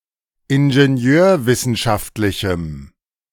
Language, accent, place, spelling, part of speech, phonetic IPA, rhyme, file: German, Germany, Berlin, ingenieurwissenschaftlichem, adjective, [ɪnʒeˈni̯øːɐ̯ˌvɪsn̩ʃaftlɪçm̩], -øːɐ̯vɪsn̩ʃaftlɪçm̩, De-ingenieurwissenschaftlichem.ogg
- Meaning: strong dative masculine/neuter singular of ingenieurwissenschaftlich